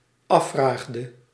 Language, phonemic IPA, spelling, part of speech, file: Dutch, /ˈɑfraɣdə/, afvraagde, verb, Nl-afvraagde.ogg
- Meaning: inflection of afvragen: 1. singular dependent-clause past indicative 2. singular dependent-clause past subjunctive